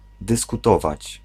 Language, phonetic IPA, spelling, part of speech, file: Polish, [ˌdɨskuˈtɔvat͡ɕ], dyskutować, verb, Pl-dyskutować.ogg